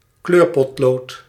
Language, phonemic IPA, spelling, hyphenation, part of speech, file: Dutch, /ˈkløːr.pɔtˌloːt/, kleurpotlood, kleur‧pot‧lood, noun, Nl-kleurpotlood.ogg
- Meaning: coloured pencil/colored pencil